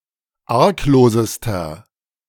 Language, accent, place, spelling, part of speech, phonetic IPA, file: German, Germany, Berlin, arglosester, adjective, [ˈaʁkˌloːzəstɐ], De-arglosester.ogg
- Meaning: inflection of arglos: 1. strong/mixed nominative masculine singular superlative degree 2. strong genitive/dative feminine singular superlative degree 3. strong genitive plural superlative degree